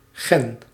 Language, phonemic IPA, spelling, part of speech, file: Dutch, /ɣɛn/, gen, noun, Nl-gen.ogg
- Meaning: gene